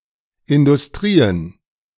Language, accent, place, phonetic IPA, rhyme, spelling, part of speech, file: German, Germany, Berlin, [ɪndʊsˈtʁiːən], -iːən, Industrien, noun, De-Industrien.ogg
- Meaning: plural of Industrie